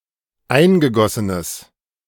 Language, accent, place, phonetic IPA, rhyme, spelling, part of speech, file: German, Germany, Berlin, [ˈaɪ̯nɡəˌɡɔsənəs], -aɪ̯nɡəɡɔsənəs, eingegossenes, adjective, De-eingegossenes.ogg
- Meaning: strong/mixed nominative/accusative neuter singular of eingegossen